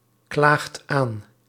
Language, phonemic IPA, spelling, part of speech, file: Dutch, /ˈklaxt ˈan/, klaagt aan, verb, Nl-klaagt aan.ogg
- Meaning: inflection of aanklagen: 1. second/third-person singular present indicative 2. plural imperative